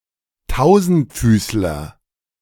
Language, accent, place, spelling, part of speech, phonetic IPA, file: German, Germany, Berlin, Tausendfüßler, noun, [ˈtaʊ̯zn̩tˌfyːslɐ], De-Tausendfüßler.ogg
- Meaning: 1. centipede, millipede 2. myriapod